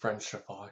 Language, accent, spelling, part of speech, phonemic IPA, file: English, US, frenchify, verb, /ˈfɹɛnt͡ʃɪfaɪ/, Frenchify US.ogg
- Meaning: 1. To make French or more French-like in any way 2. To become French or more French-like 3. Synonym of gallicize, to translate into the French language